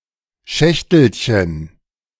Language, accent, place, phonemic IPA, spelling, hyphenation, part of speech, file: German, Germany, Berlin, /ˈʃɛçtəlçən/, Schächtelchen, Schäch‧tel‧chen, noun, De-Schächtelchen.ogg
- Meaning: diminutive of Schachtel